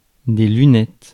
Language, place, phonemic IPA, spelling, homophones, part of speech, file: French, Paris, /ly.nɛt/, lunettes, lunette, noun, Fr-lunettes.ogg
- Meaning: 1. plural of lunette 2. spectacles, eyeglasses